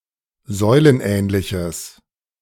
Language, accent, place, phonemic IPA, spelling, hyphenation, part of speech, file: German, Germany, Berlin, /ˈzɔɪ̯lənˌʔɛːnlɪçəs/, säulenähnliches, säu‧len‧ähn‧li‧ches, adjective, De-säulenähnliches.ogg
- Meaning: strong/mixed nominative/accusative neuter singular of säulenähnlich